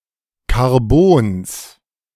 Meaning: genitive singular of Karbon
- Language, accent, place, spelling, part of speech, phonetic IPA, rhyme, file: German, Germany, Berlin, Karbons, noun, [kaʁˈboːns], -oːns, De-Karbons.ogg